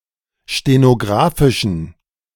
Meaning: inflection of stenographisch: 1. strong genitive masculine/neuter singular 2. weak/mixed genitive/dative all-gender singular 3. strong/weak/mixed accusative masculine singular 4. strong dative plural
- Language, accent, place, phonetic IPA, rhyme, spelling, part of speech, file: German, Germany, Berlin, [ʃtenoˈɡʁaːfɪʃn̩], -aːfɪʃn̩, stenographischen, adjective, De-stenographischen.ogg